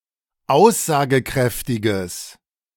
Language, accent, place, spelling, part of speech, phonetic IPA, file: German, Germany, Berlin, aussagekräftiges, adjective, [ˈaʊ̯szaːɡəˌkʁɛftɪɡəs], De-aussagekräftiges.ogg
- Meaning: strong/mixed nominative/accusative neuter singular of aussagekräftig